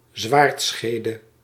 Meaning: 1. the sheath of a sword 2. a razor clam, a jack-knife clam; bivalve of the genus Ensis
- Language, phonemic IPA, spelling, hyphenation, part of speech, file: Dutch, /ˈzʋaːrtˌsxeː.də/, zwaardschede, zwaard‧sche‧de, noun, Nl-zwaardschede.ogg